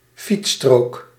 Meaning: bike lane (road lane for cyclists, not separated from the other lane(s) of a road)
- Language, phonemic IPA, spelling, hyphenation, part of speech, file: Dutch, /ˈfit.stroːk/, fietsstrook, fiets‧strook, noun, Nl-fietsstrook.ogg